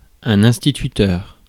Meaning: teacher, especially in a primary school
- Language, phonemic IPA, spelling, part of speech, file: French, /ɛ̃s.ti.ty.tœʁ/, instituteur, noun, Fr-instituteur.ogg